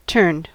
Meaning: 1. simple past and past participle of turn 2. In the pattern "X turned Y", indicates that someone has turned (changed) from X into Y
- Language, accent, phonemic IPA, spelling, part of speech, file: English, US, /tɝnd/, turned, verb, En-us-turned.ogg